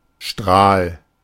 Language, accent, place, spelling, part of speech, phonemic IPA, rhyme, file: German, Germany, Berlin, Strahl, noun, /ʃtʁaːl/, -aːl, De-Strahl.ogg
- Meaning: 1. beam, ray (e.g. of light) 2. jet (e.g. of water or ink) 3. frog (part of a horse's hoof) 4. ray, half-line 5. arrow